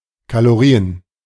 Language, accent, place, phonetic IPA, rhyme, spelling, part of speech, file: German, Germany, Berlin, [kaloˈʁiːən], -iːən, Kalorien, noun, De-Kalorien.ogg
- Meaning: plural of Kalorie